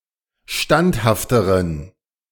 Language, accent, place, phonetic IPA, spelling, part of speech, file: German, Germany, Berlin, [ˈʃtanthaftəʁən], standhafteren, adjective, De-standhafteren.ogg
- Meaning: inflection of standhaft: 1. strong genitive masculine/neuter singular comparative degree 2. weak/mixed genitive/dative all-gender singular comparative degree